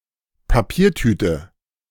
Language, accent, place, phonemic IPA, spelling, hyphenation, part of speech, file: German, Germany, Berlin, /paˈpiːɐ̯ˌtyːtə/, Papiertüte, Pa‧pier‧tü‧te, noun, De-Papiertüte.ogg
- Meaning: paper bag